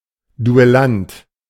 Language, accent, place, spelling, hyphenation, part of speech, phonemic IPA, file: German, Germany, Berlin, Duellant, Du‧el‧lant, noun, /duɛˈlant/, De-Duellant.ogg
- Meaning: duelist